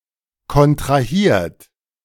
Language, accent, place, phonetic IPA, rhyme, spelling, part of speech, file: German, Germany, Berlin, [kɔntʁaˈhiːɐ̯t], -iːɐ̯t, kontrahiert, verb, De-kontrahiert.ogg
- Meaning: 1. past participle of kontrahieren 2. inflection of kontrahieren: third-person singular present 3. inflection of kontrahieren: second-person plural present